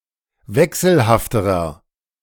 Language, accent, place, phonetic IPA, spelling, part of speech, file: German, Germany, Berlin, [ˈvɛksl̩haftəʁɐ], wechselhafterer, adjective, De-wechselhafterer.ogg
- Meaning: inflection of wechselhaft: 1. strong/mixed nominative masculine singular comparative degree 2. strong genitive/dative feminine singular comparative degree 3. strong genitive plural comparative degree